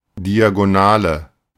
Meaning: 1. diagonal (something arranged diagonally or obliquely) 2. screen diagonal (measurement for the size of a screen) 3. diagonal
- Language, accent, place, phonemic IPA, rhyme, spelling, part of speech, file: German, Germany, Berlin, /ˌdiaɡoˈnaːlə/, -aːlə, Diagonale, noun, De-Diagonale.ogg